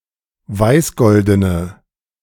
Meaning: inflection of weißgolden: 1. strong/mixed nominative/accusative feminine singular 2. strong nominative/accusative plural 3. weak nominative all-gender singular
- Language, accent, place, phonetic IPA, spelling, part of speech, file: German, Germany, Berlin, [ˈvaɪ̯sˌɡɔldənə], weißgoldene, adjective, De-weißgoldene.ogg